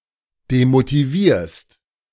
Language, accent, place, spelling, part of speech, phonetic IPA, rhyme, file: German, Germany, Berlin, demotivierst, verb, [demotiˈviːɐ̯st], -iːɐ̯st, De-demotivierst.ogg
- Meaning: second-person singular present of demotivieren